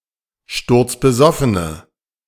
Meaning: inflection of sturzbesoffen: 1. strong/mixed nominative/accusative feminine singular 2. strong nominative/accusative plural 3. weak nominative all-gender singular
- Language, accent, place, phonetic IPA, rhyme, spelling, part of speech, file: German, Germany, Berlin, [ˌʃtʊʁt͡sbəˈzɔfənə], -ɔfənə, sturzbesoffene, adjective, De-sturzbesoffene.ogg